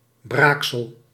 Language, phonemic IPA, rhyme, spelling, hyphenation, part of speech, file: Dutch, /ˈbraːk.səl/, -aːksəl, braaksel, braak‧sel, noun, Nl-braaksel.ogg
- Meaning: vomit (that which one has vomited out)